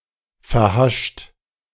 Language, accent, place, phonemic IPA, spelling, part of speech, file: German, Germany, Berlin, /fɛɐ̯ˈhaʃt/, verhascht, adjective, De-verhascht.ogg
- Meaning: hashish-addicted